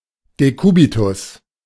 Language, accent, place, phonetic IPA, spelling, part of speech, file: German, Germany, Berlin, [deˈkuːbitʊs], Dekubitus, noun, De-Dekubitus.ogg
- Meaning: decubitus, bedsore (lesion caused by pressure)